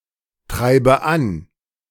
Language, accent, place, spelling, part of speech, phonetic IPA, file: German, Germany, Berlin, treibe an, verb, [ˌtʁaɪ̯bə ˈan], De-treibe an.ogg
- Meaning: inflection of antreiben: 1. first-person singular present 2. first/third-person singular subjunctive I 3. singular imperative